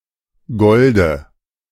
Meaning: dative singular of Gold
- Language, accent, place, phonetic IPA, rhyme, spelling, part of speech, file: German, Germany, Berlin, [ˈɡɔldə], -ɔldə, Golde, noun, De-Golde.ogg